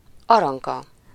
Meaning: 1. a female given name, equivalent to English Aurelia 2. a surname
- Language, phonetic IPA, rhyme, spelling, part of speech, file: Hungarian, [ˈɒrɒŋkɒ], -kɒ, Aranka, proper noun, Hu-Aranka.ogg